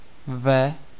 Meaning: alternative form of v (“in”)
- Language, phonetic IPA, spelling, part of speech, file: Czech, [ˈvɛ], ve, preposition, Cs-ve.ogg